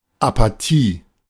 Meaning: apathy
- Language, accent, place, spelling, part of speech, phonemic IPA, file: German, Germany, Berlin, Apathie, noun, /apaˈtiː/, De-Apathie.ogg